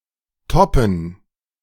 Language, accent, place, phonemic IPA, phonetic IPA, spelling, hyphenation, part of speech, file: German, Germany, Berlin, /ˈtɔpən/, [tɔpn̩], Toppen, Top‧pen, noun, De-Toppen.ogg
- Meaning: 1. gerund of toppen 2. plural of Topp